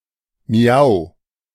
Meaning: meow (cry of a cat)
- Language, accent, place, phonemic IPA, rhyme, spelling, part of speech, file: German, Germany, Berlin, /mi̯aʊ̯/, -aʊ̯, miau, interjection, De-miau.ogg